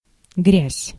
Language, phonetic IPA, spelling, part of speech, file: Russian, [ɡrʲæsʲ], грязь, noun, Ru-грязь.ogg
- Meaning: 1. dirt (uncleanliness) 2. mud 3. filth, smut, dirt, schmutz 4. pollution